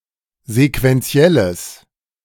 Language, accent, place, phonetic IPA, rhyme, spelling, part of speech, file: German, Germany, Berlin, [zekvɛnˈt͡si̯ɛləs], -ɛləs, sequentielles, adjective, De-sequentielles.ogg
- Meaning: strong/mixed nominative/accusative neuter singular of sequentiell